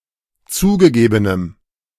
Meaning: strong dative masculine/neuter singular of zugegeben
- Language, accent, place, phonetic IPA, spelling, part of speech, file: German, Germany, Berlin, [ˈt͡suːɡəˌɡeːbənəm], zugegebenem, adjective, De-zugegebenem.ogg